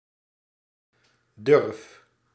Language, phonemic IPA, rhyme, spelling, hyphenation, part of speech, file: Dutch, /dʏrf/, -ʏrf, durf, durf, noun / verb, Nl-durf.ogg
- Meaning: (noun) valor/valour, courage, daring, braveness; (verb) inflection of durven: 1. first-person singular present indicative 2. second-person singular present indicative 3. imperative